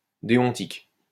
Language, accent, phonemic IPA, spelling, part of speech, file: French, France, /de.ɔ̃.tik/, déontique, adjective, LL-Q150 (fra)-déontique.wav
- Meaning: deontic (relating to necessity, duty or obligation)